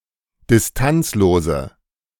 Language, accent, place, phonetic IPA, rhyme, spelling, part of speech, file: German, Germany, Berlin, [dɪsˈtant͡sloːzə], -ant͡sloːzə, distanzlose, adjective, De-distanzlose.ogg
- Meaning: inflection of distanzlos: 1. strong/mixed nominative/accusative feminine singular 2. strong nominative/accusative plural 3. weak nominative all-gender singular